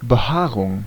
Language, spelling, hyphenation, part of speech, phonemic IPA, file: German, Behaarung, Be‧haa‧rung, noun, /bəˈhaːʁʊŋ/, De-Behaarung.ogg
- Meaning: 1. hair 2. fur